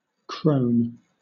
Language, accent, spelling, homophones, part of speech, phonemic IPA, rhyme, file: English, Southern England, crone, crosne, noun, /kɹəʊn/, -əʊn, LL-Q1860 (eng)-crone.wav
- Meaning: 1. An old woman 2. An archetypal figure, a wise woman 3. An ugly, evil-looking, or frightening old woman; a hag 4. An old ewe 5. An old man, especially one who talks and acts like an old woman